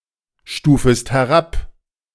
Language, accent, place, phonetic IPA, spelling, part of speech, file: German, Germany, Berlin, [ˌʃtuːfəst hɛˈʁap], stufest herab, verb, De-stufest herab.ogg
- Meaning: second-person singular subjunctive I of herabstufen